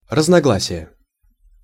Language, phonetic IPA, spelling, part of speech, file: Russian, [rəznɐˈɡɫasʲɪje], разногласие, noun, Ru-разногласие.ogg
- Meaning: 1. difference, disagreement, discord 2. discrepancy